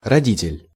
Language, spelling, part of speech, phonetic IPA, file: Russian, родитель, noun, [rɐˈdʲitʲɪlʲ], Ru-родитель.ogg
- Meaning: 1. parent 2. father